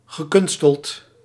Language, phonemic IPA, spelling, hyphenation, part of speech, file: Dutch, /ɣəˈkʏnstəlt/, gekunsteld, ge‧kun‧steld, adjective, Nl-gekunsteld.ogg
- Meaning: contrived (unnatural and forced)